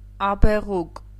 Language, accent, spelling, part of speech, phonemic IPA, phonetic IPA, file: Armenian, Eastern Armenian, աբեղուկ, noun, /ɑbeˈʁuk/, [ɑbeʁúk], Hy-աբեղուկ.ogg
- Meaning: crested lark (Galerida cristata)